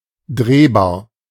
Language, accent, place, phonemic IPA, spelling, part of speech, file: German, Germany, Berlin, /ˈdʁeːbaːɐ̯/, drehbar, adjective, De-drehbar.ogg
- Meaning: rotatable, revolving